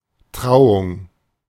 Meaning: 1. wedding vows 2. wedding
- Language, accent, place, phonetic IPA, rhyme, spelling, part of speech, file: German, Germany, Berlin, [ˈtʁaʊ̯ʊŋ], -aʊ̯ʊŋ, Trauung, noun, De-Trauung.ogg